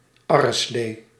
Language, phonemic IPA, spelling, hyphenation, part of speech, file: Dutch, /ˈɑrəˌsleː/, arreslee, ar‧re‧slee, noun, Nl-arreslee.ogg
- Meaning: superseded spelling of arrenslee